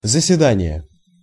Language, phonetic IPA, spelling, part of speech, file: Russian, [zəsʲɪˈdanʲɪje], заседание, noun, Ru-заседание.ogg
- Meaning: session, meeting (meeting of a body to conduct business)